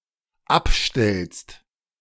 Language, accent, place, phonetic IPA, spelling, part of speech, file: German, Germany, Berlin, [ˈapˌʃtɛlst], abstellst, verb, De-abstellst.ogg
- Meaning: second-person singular dependent present of abstellen